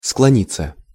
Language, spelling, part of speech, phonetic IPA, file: Russian, склониться, verb, [skɫɐˈnʲit͡sːə], Ru-склониться.ogg
- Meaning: 1. to incline, to bend, to stoop 2. to be inclined (to) 3. to yield (to) (to give up under pressure) 4. passive of склони́ть (sklonítʹ)